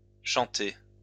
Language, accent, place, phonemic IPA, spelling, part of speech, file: French, France, Lyon, /ʃɑ̃.te/, chantés, verb, LL-Q150 (fra)-chantés.wav
- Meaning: masculine plural of chanté